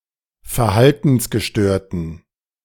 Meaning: inflection of verhaltensgestört: 1. strong genitive masculine/neuter singular 2. weak/mixed genitive/dative all-gender singular 3. strong/weak/mixed accusative masculine singular
- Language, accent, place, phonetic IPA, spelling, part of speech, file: German, Germany, Berlin, [fɛɐ̯ˈhaltn̩sɡəˌʃtøːɐ̯tn̩], verhaltensgestörten, adjective, De-verhaltensgestörten.ogg